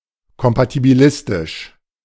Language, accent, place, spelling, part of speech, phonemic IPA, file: German, Germany, Berlin, kompatibilistisch, adjective, /kɔmpatibiˈlɪstɪʃ/, De-kompatibilistisch.ogg
- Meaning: compatibilistic, compatible